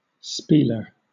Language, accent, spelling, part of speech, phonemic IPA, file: English, Southern England, spieler, noun, /ˈspiːlə/, LL-Q1860 (eng)-spieler.wav
- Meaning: 1. A swindler, a gambler 2. A gambling club 3. A person who speaks fluently and glibly; a barker 4. A radio or television announcer